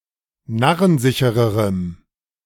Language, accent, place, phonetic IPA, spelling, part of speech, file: German, Germany, Berlin, [ˈnaʁənˌzɪçəʁəʁəm], narrensichererem, adjective, De-narrensichererem.ogg
- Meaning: strong dative masculine/neuter singular comparative degree of narrensicher